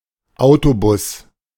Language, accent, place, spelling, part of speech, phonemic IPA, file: German, Germany, Berlin, Autobus, noun, /ˈaʊ̯toˌbʊs/, De-Autobus.ogg
- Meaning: bus